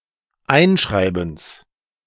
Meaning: genitive singular of Einschreiben
- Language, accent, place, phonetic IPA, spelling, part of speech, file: German, Germany, Berlin, [ˈaɪ̯nˌʃʁaɪ̯bn̩s], Einschreibens, noun, De-Einschreibens.ogg